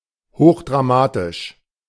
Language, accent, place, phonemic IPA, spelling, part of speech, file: German, Germany, Berlin, /ˈhoːχdʁaˌmaːtɪʃ/, hochdramatisch, adjective, De-hochdramatisch.ogg
- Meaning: highly dramatic